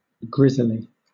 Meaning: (adjective) 1. Grey-haired, greyish 2. Misspelling of grisly; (noun) A grizzly bear
- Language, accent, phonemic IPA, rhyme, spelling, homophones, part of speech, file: English, Southern England, /ˈɡɹɪzli/, -ɪzli, grizzly, grisly, adjective / noun, LL-Q1860 (eng)-grizzly.wav